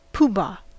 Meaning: 1. A person who holds multiple offices or positions of power at the same time 2. A leader or other important person 3. A pompous, self-important person
- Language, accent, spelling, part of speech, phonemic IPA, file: English, US, poobah, noun, /ˈpuːbɑː/, En-us-poobah.ogg